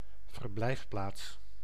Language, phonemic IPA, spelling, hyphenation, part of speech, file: Dutch, /vərˈblɛi̯fˌplaːts/, verblijfplaats, ver‧blijf‧plaats, noun, Nl-verblijfplaats.ogg
- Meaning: residence, place of residence